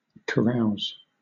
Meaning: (verb) 1. To engage in a noisy or drunken social gathering 2. To drink to excess; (noun) 1. A large draught of liquor 2. A drinking bout; a carousal
- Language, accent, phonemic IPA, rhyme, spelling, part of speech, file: English, Southern England, /kəˈɹaʊz/, -aʊz, carouse, verb / noun, LL-Q1860 (eng)-carouse.wav